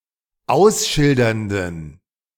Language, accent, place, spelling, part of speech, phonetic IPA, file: German, Germany, Berlin, ausschildernden, adjective, [ˈaʊ̯sˌʃɪldɐndn̩], De-ausschildernden.ogg
- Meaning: inflection of ausschildernd: 1. strong genitive masculine/neuter singular 2. weak/mixed genitive/dative all-gender singular 3. strong/weak/mixed accusative masculine singular 4. strong dative plural